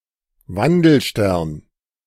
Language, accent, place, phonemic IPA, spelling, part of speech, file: German, Germany, Berlin, /ˈvandl̩ˌʃtɛʁn/, Wandelstern, noun, De-Wandelstern.ogg
- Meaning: A planet (a major body which moves relative to the fixed stars in the night sky)